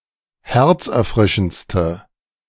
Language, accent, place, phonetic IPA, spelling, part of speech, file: German, Germany, Berlin, [ˈhɛʁt͡sʔɛɐ̯ˌfʁɪʃn̩t͡stə], herzerfrischendste, adjective, De-herzerfrischendste.ogg
- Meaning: inflection of herzerfrischend: 1. strong/mixed nominative/accusative feminine singular superlative degree 2. strong nominative/accusative plural superlative degree